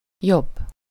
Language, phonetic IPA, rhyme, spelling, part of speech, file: Hungarian, [ˈjobː], -obː, jobb, adjective / adverb / noun, Hu-jobb.ogg
- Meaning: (adjective) comparative degree of jó (“good”), better; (adverb) construed with szeretne in any person and tense: alternative form of jobban (“more, rather, preferably”)